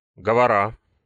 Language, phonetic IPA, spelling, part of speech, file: Russian, [ˈɡovərə], говора, noun, Ru-говора́.ogg
- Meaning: genitive singular of го́вор (góvor)